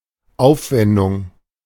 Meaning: 1. expenditure 2. expense / expenses
- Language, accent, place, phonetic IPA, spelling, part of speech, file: German, Germany, Berlin, [ˈaʊ̯fˌvɛndʊŋ], Aufwendung, noun, De-Aufwendung.ogg